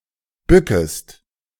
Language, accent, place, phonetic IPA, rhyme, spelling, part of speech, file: German, Germany, Berlin, [ˈbʏkəst], -ʏkəst, bückest, verb, De-bückest.ogg
- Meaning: second-person singular subjunctive I of bücken